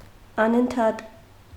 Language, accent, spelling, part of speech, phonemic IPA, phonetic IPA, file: Armenian, Eastern Armenian, անընդհատ, adverb / adjective, /ɑnəntʰˈhɑt/, [ɑnəntʰhɑ́t], Hy-անընդհատ.ogg
- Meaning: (adverb) constantly, continuously; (adjective) continuous, uninterrupted, unbroken, continual, unceasing